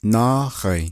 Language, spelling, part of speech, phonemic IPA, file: Navajo, nááhai, noun, /nɑ́ːhɑ̀ɪ̀ː/, Nv-nááhai.ogg
- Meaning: 1. year 2. a year (completely) passed